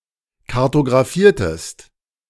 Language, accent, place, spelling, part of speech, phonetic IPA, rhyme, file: German, Germany, Berlin, kartografiertest, verb, [kaʁtoɡʁaˈfiːɐ̯təst], -iːɐ̯təst, De-kartografiertest.ogg
- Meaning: inflection of kartografieren: 1. second-person singular preterite 2. second-person singular subjunctive II